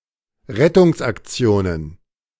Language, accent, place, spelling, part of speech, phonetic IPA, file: German, Germany, Berlin, Rettungsaktionen, noun, [ˈʁɛtʊŋsʔakˌt͡si̯oːnən], De-Rettungsaktionen.ogg
- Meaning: plural of Rettungsaktion